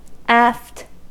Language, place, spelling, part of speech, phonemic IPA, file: English, California, aft, adverb / adjective / noun, /æft/, En-us-aft.ogg
- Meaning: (adverb) At, near, or towards the stern of a vessel (with the frame of reference within the vessel); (adjective) located at the back of a boat, ship, or airplane